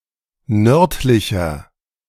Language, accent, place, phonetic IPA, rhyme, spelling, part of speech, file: German, Germany, Berlin, [ˈnœʁtlɪçɐ], -œʁtlɪçɐ, nördlicher, adjective, De-nördlicher.ogg
- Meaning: 1. comparative degree of nördlich 2. inflection of nördlich: strong/mixed nominative masculine singular 3. inflection of nördlich: strong genitive/dative feminine singular